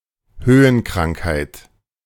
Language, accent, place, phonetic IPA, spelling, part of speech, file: German, Germany, Berlin, [ˈhøːənkʁaŋkhaɪ̯t], Höhenkrankheit, noun, De-Höhenkrankheit.ogg
- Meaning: altitude sickness